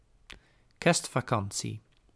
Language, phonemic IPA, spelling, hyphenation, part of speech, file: Dutch, /ˈkɛrst.faːˌkɑn.si/, kerstvakantie, kerst‧va‧kan‧tie, noun, Nl-kerstvakantie.ogg
- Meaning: a school holiday covering Christmas and New Year's Day, typically lasting two weeks